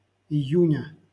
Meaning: genitive singular of ию́нь (ijúnʹ)
- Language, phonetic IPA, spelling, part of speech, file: Russian, [ɪˈjʉnʲə], июня, noun, LL-Q7737 (rus)-июня.wav